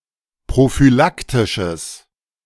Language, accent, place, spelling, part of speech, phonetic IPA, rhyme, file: German, Germany, Berlin, prophylaktisches, adjective, [pʁofyˈlaktɪʃəs], -aktɪʃəs, De-prophylaktisches.ogg
- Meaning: strong/mixed nominative/accusative neuter singular of prophylaktisch